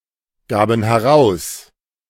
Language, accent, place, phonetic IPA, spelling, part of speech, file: German, Germany, Berlin, [ˌɡaːbn̩ hɛˈʁaʊ̯s], gaben heraus, verb, De-gaben heraus.ogg
- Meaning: first/third-person plural preterite of herausgeben